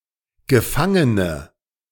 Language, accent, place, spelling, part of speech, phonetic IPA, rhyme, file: German, Germany, Berlin, gefangene, adjective, [ɡəˈfaŋənə], -aŋənə, De-gefangene.ogg
- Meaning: inflection of gefangen: 1. strong/mixed nominative/accusative feminine singular 2. strong nominative/accusative plural 3. weak nominative all-gender singular